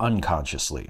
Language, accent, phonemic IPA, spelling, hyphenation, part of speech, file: English, US, /ˌʌnˈkɑnʃəsli/, unconsciously, un‧con‧scious‧ly, adverb, En-us-unconsciously.ogg
- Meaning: In an unconscious manner; unknowingly